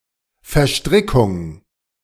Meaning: 1. entanglement 2. sequestration
- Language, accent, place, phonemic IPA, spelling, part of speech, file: German, Germany, Berlin, /veɐ̯ˈʃtʁɪkʊŋ/, Verstrickung, noun, De-Verstrickung.ogg